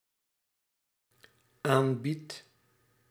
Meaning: second/third-person singular dependent-clause present indicative of aanbieden
- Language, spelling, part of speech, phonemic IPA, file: Dutch, aanbiedt, verb, /ˈambit/, Nl-aanbiedt.ogg